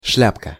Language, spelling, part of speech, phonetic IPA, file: Russian, шляпка, noun, [ˈʂlʲapkə], Ru-шляпка.ogg
- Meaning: diminutive of шля́па (šljápa): (small) hat; head (of a nail), cap (of a mushroom)